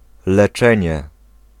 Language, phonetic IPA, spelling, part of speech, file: Polish, [lɛˈt͡ʃɛ̃ɲɛ], leczenie, noun, Pl-leczenie.ogg